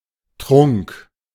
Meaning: 1. a drink, generally mixed of several ingredients, and often for medical or magical effect; a potion 2. any drink 3. the act of drinking
- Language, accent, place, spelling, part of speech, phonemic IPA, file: German, Germany, Berlin, Trunk, noun, /tʁʊŋk/, De-Trunk.ogg